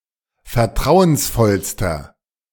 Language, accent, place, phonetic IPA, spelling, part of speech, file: German, Germany, Berlin, [fɛɐ̯ˈtʁaʊ̯ənsˌfɔlstɐ], vertrauensvollster, adjective, De-vertrauensvollster.ogg
- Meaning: inflection of vertrauensvoll: 1. strong/mixed nominative masculine singular superlative degree 2. strong genitive/dative feminine singular superlative degree